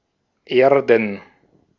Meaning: 1. plural of Erde 2. dative singular of Erde
- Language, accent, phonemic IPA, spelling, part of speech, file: German, Austria, /ˈeːɐ̯dn/, Erden, noun, De-at-Erden.ogg